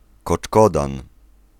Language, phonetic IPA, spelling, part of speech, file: Polish, [kɔt͡ʃˈkɔdãn], koczkodan, noun, Pl-koczkodan.ogg